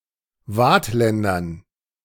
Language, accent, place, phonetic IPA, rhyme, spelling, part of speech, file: German, Germany, Berlin, [ˈvaːtˌlɛndɐn], -aːtlɛndɐn, Waadtländern, noun, De-Waadtländern.ogg
- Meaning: dative plural of Waadtländer